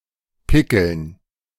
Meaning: dative plural of Pickel
- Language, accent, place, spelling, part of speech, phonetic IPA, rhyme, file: German, Germany, Berlin, Pickeln, noun, [ˈpɪkl̩n], -ɪkl̩n, De-Pickeln.ogg